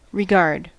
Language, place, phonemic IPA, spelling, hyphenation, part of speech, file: English, California, /ɹɪˈɡɑɹd/, regard, re‧gard, noun / verb, En-us-regard.ogg
- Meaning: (noun) 1. A steady look, a gaze 2. One's concern for another; esteem; relation, reference 3. A particular aspect or detail; respect, sense